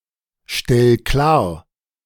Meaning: 1. singular imperative of klarstellen 2. first-person singular present of klarstellen
- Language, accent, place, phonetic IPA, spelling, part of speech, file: German, Germany, Berlin, [ˌʃtɛl ˈklaːɐ̯], stell klar, verb, De-stell klar.ogg